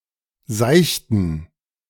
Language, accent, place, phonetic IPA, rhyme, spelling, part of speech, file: German, Germany, Berlin, [ˈzaɪ̯çtn̩], -aɪ̯çtn̩, seichten, adjective / verb, De-seichten.ogg
- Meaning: inflection of seicht: 1. strong genitive masculine/neuter singular 2. weak/mixed genitive/dative all-gender singular 3. strong/weak/mixed accusative masculine singular 4. strong dative plural